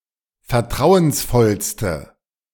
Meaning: inflection of vertrauensvoll: 1. strong/mixed nominative/accusative feminine singular superlative degree 2. strong nominative/accusative plural superlative degree
- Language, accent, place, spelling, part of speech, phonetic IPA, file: German, Germany, Berlin, vertrauensvollste, adjective, [fɛɐ̯ˈtʁaʊ̯ənsˌfɔlstə], De-vertrauensvollste.ogg